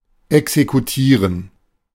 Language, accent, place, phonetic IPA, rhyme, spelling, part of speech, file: German, Germany, Berlin, [ɛksekuˈtiːʁən], -iːʁən, exekutieren, verb, De-exekutieren.ogg
- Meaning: 1. to execute (kill) 2. to seize, to impound